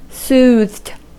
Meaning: 1. simple past and past participle of soothe 2. simple past and past participle of sooth
- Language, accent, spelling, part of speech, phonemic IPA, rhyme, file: English, US, soothed, verb, /suːðd/, -uːðd, En-us-soothed.ogg